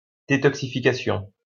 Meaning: detoxification
- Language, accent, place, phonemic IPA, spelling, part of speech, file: French, France, Lyon, /de.tɔk.si.fi.ka.sjɔ̃/, détoxification, noun, LL-Q150 (fra)-détoxification.wav